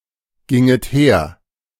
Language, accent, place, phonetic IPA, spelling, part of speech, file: German, Germany, Berlin, [ˌɡɪŋət ˈheːɐ̯], ginget her, verb, De-ginget her.ogg
- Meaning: second-person plural subjunctive I of hergehen